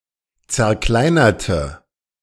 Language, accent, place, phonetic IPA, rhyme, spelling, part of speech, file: German, Germany, Berlin, [t͡sɛɐ̯ˈklaɪ̯nɐtə], -aɪ̯nɐtə, zerkleinerte, adjective / verb, De-zerkleinerte.ogg
- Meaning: inflection of zerkleinert: 1. strong/mixed nominative/accusative feminine singular 2. strong nominative/accusative plural 3. weak nominative all-gender singular